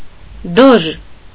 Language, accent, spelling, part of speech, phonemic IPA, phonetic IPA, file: Armenian, Eastern Armenian, դոժ, noun, /doʒ/, [doʒ], Hy-դոժ.ogg
- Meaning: doge